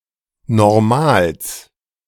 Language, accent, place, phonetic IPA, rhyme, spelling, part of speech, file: German, Germany, Berlin, [nɔʁˈmaːls], -aːls, Normals, noun, De-Normals.ogg
- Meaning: genitive singular of Normal